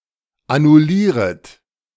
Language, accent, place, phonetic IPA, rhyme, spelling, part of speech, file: German, Germany, Berlin, [anʊˈliːʁət], -iːʁət, annullieret, verb, De-annullieret.ogg
- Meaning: second-person plural subjunctive I of annullieren